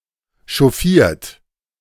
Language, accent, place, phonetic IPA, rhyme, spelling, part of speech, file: German, Germany, Berlin, [ʃɔˈfiːɐ̯t], -iːɐ̯t, chauffiert, verb, De-chauffiert.ogg
- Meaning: 1. past participle of chauffieren 2. inflection of chauffieren: third-person singular present 3. inflection of chauffieren: second-person plural present 4. inflection of chauffieren: plural imperative